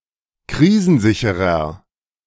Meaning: 1. comparative degree of krisensicher 2. inflection of krisensicher: strong/mixed nominative masculine singular 3. inflection of krisensicher: strong genitive/dative feminine singular
- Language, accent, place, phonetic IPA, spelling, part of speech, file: German, Germany, Berlin, [ˈkʁiːzn̩ˌzɪçəʁɐ], krisensicherer, adjective, De-krisensicherer.ogg